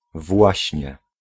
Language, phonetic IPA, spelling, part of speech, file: Polish, [ˈvwaɕɲɛ], właśnie, adverb / particle, Pl-właśnie.ogg